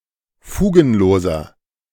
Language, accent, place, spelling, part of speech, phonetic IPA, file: German, Germany, Berlin, fugenloser, adjective, [ˈfuːɡn̩ˌloːzɐ], De-fugenloser.ogg
- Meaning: inflection of fugenlos: 1. strong/mixed nominative masculine singular 2. strong genitive/dative feminine singular 3. strong genitive plural